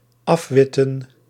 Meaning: 1. to paint or chalk white 2. to complete painting white 3. to remove chalk or white paint from
- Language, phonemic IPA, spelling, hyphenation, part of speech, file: Dutch, /ˈɑfˌʋɪ.tə(n)/, afwitten, af‧wit‧ten, verb, Nl-afwitten.ogg